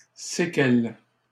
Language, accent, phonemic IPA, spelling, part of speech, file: French, Canada, /se.kɛl/, séquelle, noun, LL-Q150 (fra)-séquelle.wav
- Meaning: 1. suite, retinue, following (group of followers) 2. sequela 3. after-effect, consequence, legacy